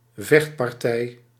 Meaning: a fight, a brawl
- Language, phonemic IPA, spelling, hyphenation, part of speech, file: Dutch, /ˈvɛxt.pɑrˌtɛi̯/, vechtpartij, vecht‧par‧tij, noun, Nl-vechtpartij.ogg